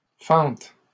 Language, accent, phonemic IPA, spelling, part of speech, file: French, Canada, /fɑ̃t/, fentes, noun, LL-Q150 (fra)-fentes.wav
- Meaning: plural of fente